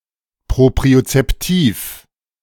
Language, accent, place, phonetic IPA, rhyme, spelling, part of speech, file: German, Germany, Berlin, [ˌpʁopʁiot͡sɛpˈtiːf], -iːf, propriozeptiv, adjective, De-propriozeptiv.ogg
- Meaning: proprioceptive